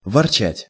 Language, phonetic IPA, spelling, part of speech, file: Russian, [vɐrˈt͡ɕætʲ], ворчать, verb, Ru-ворчать.ogg
- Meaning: to grumble, to complain, to grouse (at), to snarl (at)